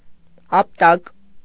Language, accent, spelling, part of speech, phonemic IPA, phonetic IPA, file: Armenian, Eastern Armenian, ապտակ, noun, /ɑpˈtɑk/, [ɑptɑ́k], Hy-ապտակ.ogg
- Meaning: slap in the face